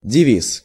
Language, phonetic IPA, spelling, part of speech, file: Russian, [dʲɪˈvʲis], девиз, noun, Ru-девиз.ogg
- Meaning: motto